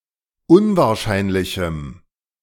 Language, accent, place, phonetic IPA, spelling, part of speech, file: German, Germany, Berlin, [ˈʊnvaːɐ̯ˌʃaɪ̯nlɪçm̩], unwahrscheinlichem, adjective, De-unwahrscheinlichem.ogg
- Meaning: strong dative masculine/neuter singular of unwahrscheinlich